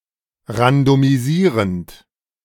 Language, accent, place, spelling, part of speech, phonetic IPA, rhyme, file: German, Germany, Berlin, randomisierend, verb, [ʁandomiˈziːʁənt], -iːʁənt, De-randomisierend.ogg
- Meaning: present participle of randomisieren